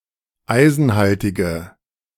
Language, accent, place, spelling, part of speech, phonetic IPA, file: German, Germany, Berlin, eisenhaltige, adjective, [ˈaɪ̯zn̩ˌhaltɪɡə], De-eisenhaltige.ogg
- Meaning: inflection of eisenhaltig: 1. strong/mixed nominative/accusative feminine singular 2. strong nominative/accusative plural 3. weak nominative all-gender singular